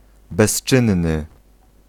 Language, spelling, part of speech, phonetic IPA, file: Polish, bezczynny, adjective, [bɛʃˈt͡ʃɨ̃nːɨ], Pl-bezczynny.ogg